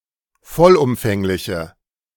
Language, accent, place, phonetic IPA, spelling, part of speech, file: German, Germany, Berlin, [ˈfɔlʔʊmfɛŋlɪçə], vollumfängliche, adjective, De-vollumfängliche.ogg
- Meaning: inflection of vollumfänglich: 1. strong/mixed nominative/accusative feminine singular 2. strong nominative/accusative plural 3. weak nominative all-gender singular